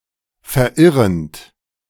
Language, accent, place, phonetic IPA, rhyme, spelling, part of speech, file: German, Germany, Berlin, [fɛɐ̯ˈʔɪʁənt], -ɪʁənt, verirrend, verb, De-verirrend.ogg
- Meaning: present participle of verirren